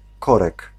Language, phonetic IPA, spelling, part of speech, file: Polish, [ˈkɔrɛk], korek, noun, Pl-korek.ogg